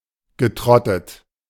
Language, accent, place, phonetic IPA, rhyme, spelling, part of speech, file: German, Germany, Berlin, [ɡəˈtʁɔtət], -ɔtət, getrottet, verb, De-getrottet.ogg
- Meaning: past participle of trotten